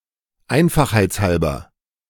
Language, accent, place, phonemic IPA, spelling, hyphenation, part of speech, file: German, Germany, Berlin, /ˈaɪ̯n.fax.haɪ̯t͡sˌhalbɐ/, einfachheitshalber, ein‧fach‧heits‧hal‧ber, adverb, De-einfachheitshalber.ogg
- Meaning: for convenience, conveniently